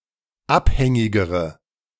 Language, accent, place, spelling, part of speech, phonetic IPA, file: German, Germany, Berlin, abhängigere, adjective, [ˈapˌhɛŋɪɡəʁə], De-abhängigere.ogg
- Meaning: inflection of abhängig: 1. strong/mixed nominative/accusative feminine singular comparative degree 2. strong nominative/accusative plural comparative degree